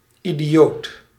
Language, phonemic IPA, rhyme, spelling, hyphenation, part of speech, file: Dutch, /ˌi.diˈ(j)oːt/, -oːt, idioot, idi‧oot, noun / adjective, Nl-idioot.ogg
- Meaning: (noun) 1. an idiot 2. someone with the mental age of a young child, an idiot 3. a layman; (adjective) 1. idiotic, foolish, stupid 2. annoying, irritating